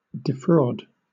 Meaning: 1. To obtain money or property from (a person) by fraud; to swindle 2. To deprive
- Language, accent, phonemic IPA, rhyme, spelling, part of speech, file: English, Southern England, /dɪˈfɹɔːd/, -ɔːd, defraud, verb, LL-Q1860 (eng)-defraud.wav